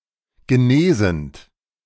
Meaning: present participle of genesen
- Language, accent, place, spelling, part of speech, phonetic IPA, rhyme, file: German, Germany, Berlin, genesend, verb, [ɡəˈneːzn̩t], -eːzn̩t, De-genesend.ogg